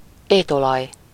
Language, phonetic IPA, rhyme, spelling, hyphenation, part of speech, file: Hungarian, [ˈeːtolɒj], -ɒj, étolaj, ét‧olaj, noun, Hu-étolaj.ogg
- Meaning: cooking oil